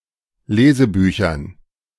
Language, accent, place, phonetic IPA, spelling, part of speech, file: German, Germany, Berlin, [ˈleːzəˌbyːçɐn], Lesebüchern, noun, De-Lesebüchern.ogg
- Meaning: dative plural of Lesebuch